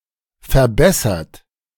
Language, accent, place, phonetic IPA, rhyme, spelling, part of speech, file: German, Germany, Berlin, [fɛɐ̯ˈbɛsɐt], -ɛsɐt, verbessert, verb, De-verbessert.ogg
- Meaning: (verb) past participle of verbessern; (adjective) improved; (verb) inflection of verbessern: 1. third-person singular present 2. second-person plural present 3. plural imperative